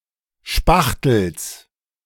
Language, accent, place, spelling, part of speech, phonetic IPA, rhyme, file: German, Germany, Berlin, Spachtels, noun, [ˈʃpaxtl̩s], -axtl̩s, De-Spachtels.ogg
- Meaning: genitive of Spachtel